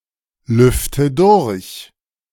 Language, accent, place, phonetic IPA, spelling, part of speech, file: German, Germany, Berlin, [ˌlʏftə ˈdʊʁç], lüfte durch, verb, De-lüfte durch.ogg
- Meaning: inflection of durchlüften: 1. first-person singular present 2. first/third-person singular subjunctive I 3. singular imperative